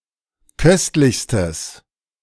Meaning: strong/mixed nominative/accusative neuter singular superlative degree of köstlich
- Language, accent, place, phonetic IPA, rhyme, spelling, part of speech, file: German, Germany, Berlin, [ˈkœstlɪçstəs], -œstlɪçstəs, köstlichstes, adjective, De-köstlichstes.ogg